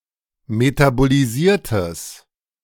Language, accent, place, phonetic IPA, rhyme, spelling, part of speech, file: German, Germany, Berlin, [ˌmetaboliˈziːɐ̯təs], -iːɐ̯təs, metabolisiertes, adjective, De-metabolisiertes.ogg
- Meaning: strong/mixed nominative/accusative neuter singular of metabolisiert